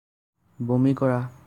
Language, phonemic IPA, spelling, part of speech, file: Assamese, /bɔ.mi kɔ.ɹɑ/, বমি কৰা, verb, As-বমি কৰা.ogg
- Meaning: to vomit